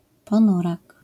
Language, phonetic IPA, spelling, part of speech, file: Polish, [pɔ̃ˈnurak], ponurak, noun, LL-Q809 (pol)-ponurak.wav